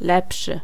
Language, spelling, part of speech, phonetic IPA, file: Polish, lepszy, adjective, [ˈlɛpʃɨ], Pl-lepszy.ogg